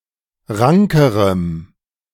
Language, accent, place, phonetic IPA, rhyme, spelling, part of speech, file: German, Germany, Berlin, [ˈʁaŋkəʁəm], -aŋkəʁəm, rankerem, adjective, De-rankerem.ogg
- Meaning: strong dative masculine/neuter singular comparative degree of rank